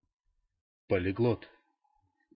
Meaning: polyglot
- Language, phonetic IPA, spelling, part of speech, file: Russian, [pəlʲɪˈɡɫot], полиглот, noun, Ru-полиглот.ogg